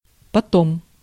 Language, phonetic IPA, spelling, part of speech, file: Russian, [pɐˈtom], потом, adverb, Ru-потом.ogg
- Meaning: 1. afterwards, afterward, after that 2. then 3. later